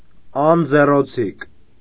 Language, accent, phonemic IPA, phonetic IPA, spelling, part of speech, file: Armenian, Eastern Armenian, /ɑnd͡zeroˈt͡sʰik/, [ɑnd͡zerot͡sʰík], անձեռոցիկ, noun, Hy-անձեռոցիկ.ogg
- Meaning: napkin, serviette